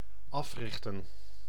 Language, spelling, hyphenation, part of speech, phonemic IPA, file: Dutch, africhten, af‧rich‧ten, verb, /ˈɑfrɪxtə(n)/, Nl-africhten.ogg
- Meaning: to train (animals), to tame